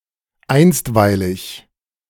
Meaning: 1. temporary 2. provisional, interim
- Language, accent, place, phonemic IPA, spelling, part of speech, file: German, Germany, Berlin, /ˈaɪ̯nstvaɪ̯lɪç/, einstweilig, adjective, De-einstweilig.ogg